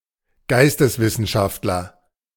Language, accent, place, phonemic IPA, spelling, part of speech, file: German, Germany, Berlin, /ˈɡaɪ̯stəsˌvɪsn̩ʃaftlɐ/, Geisteswissenschaftler, noun, De-Geisteswissenschaftler.ogg
- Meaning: humanities scholar, liberal arts scholar